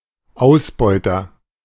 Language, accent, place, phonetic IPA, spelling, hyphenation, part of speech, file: German, Germany, Berlin, [ˈaʊ̯sbɔɪ̯tɐ], Ausbeuter, Aus‧beu‧ter, noun, De-Ausbeuter.ogg
- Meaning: exploiter (male or of unspecified gender)